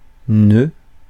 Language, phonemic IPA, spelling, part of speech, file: French, /nø/, noeud, noun, Fr-noeud.ogg
- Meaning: nonstandard spelling of nœud